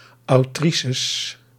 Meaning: plural of autrice
- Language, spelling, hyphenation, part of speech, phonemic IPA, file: Dutch, autrices, au‧tri‧ces, noun, /ɑuˈtri.səs/, Nl-autrices.ogg